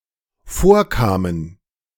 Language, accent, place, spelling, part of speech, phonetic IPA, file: German, Germany, Berlin, vorkamen, verb, [ˈfoːɐ̯ˌkaːmən], De-vorkamen.ogg
- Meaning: first/third-person plural dependent preterite of vorkommen